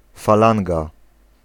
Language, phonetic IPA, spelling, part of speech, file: Polish, [faˈlãŋɡa], falanga, noun, Pl-falanga.ogg